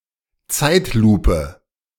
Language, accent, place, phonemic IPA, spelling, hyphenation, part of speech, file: German, Germany, Berlin, /ˈt͡saɪ̯tˌluːpə/, Zeitlupe, Zeit‧lu‧pe, noun, De-Zeitlupe.ogg
- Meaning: slow motion